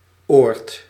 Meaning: place
- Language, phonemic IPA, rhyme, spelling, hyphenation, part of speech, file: Dutch, /oːrt/, -oːrt, oord, oord, noun, Nl-oord.ogg